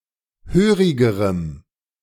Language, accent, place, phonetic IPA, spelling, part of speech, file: German, Germany, Berlin, [ˈhøːʁɪɡəʁəm], hörigerem, adjective, De-hörigerem.ogg
- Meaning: strong dative masculine/neuter singular comparative degree of hörig